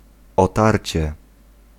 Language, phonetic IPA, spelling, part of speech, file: Polish, [ɔˈtarʲt͡ɕɛ], otarcie, noun, Pl-otarcie.ogg